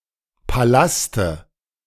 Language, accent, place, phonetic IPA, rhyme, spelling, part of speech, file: German, Germany, Berlin, [paˈlastə], -astə, Palaste, noun, De-Palaste.ogg
- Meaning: dative of Palast